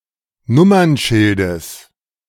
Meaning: genitive of Nummernschild
- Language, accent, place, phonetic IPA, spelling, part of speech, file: German, Germany, Berlin, [ˈnʊmɐnˌʃɪldəs], Nummernschildes, noun, De-Nummernschildes.ogg